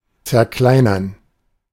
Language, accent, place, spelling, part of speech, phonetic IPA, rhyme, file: German, Germany, Berlin, zerkleinern, verb, [t͡sɛɐ̯ˈklaɪ̯nɐn], -aɪ̯nɐn, De-zerkleinern.ogg
- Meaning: 1. to chop, grind, mince 2. to crush